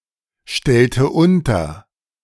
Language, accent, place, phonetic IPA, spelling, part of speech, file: German, Germany, Berlin, [ˌʃtɛltə ˈʊntɐ], stellte unter, verb, De-stellte unter.ogg
- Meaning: inflection of unterstellen: 1. first/third-person singular preterite 2. first/third-person singular subjunctive II